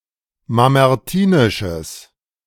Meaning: strong/mixed nominative/accusative neuter singular of mamertinisch
- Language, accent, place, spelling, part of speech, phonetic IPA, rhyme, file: German, Germany, Berlin, mamertinisches, adjective, [mamɛʁˈtiːnɪʃəs], -iːnɪʃəs, De-mamertinisches.ogg